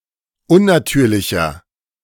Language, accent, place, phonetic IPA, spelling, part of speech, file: German, Germany, Berlin, [ˈʊnnaˌtyːɐ̯lɪçɐ], unnatürlicher, adjective, De-unnatürlicher.ogg
- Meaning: 1. comparative degree of unnatürlich 2. inflection of unnatürlich: strong/mixed nominative masculine singular 3. inflection of unnatürlich: strong genitive/dative feminine singular